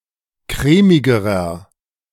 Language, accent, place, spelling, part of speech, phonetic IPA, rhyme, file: German, Germany, Berlin, crèmigerer, adjective, [ˈkʁɛːmɪɡəʁɐ], -ɛːmɪɡəʁɐ, De-crèmigerer.ogg
- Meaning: inflection of crèmig: 1. strong/mixed nominative masculine singular comparative degree 2. strong genitive/dative feminine singular comparative degree 3. strong genitive plural comparative degree